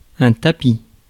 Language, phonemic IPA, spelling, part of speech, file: French, /ta.pi/, tapis, verb / noun, Fr-tapis.ogg
- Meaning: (verb) masculine plural of tapi; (noun) 1. carpet; mat; rug 2. all in (an instance of betting all of one's chips)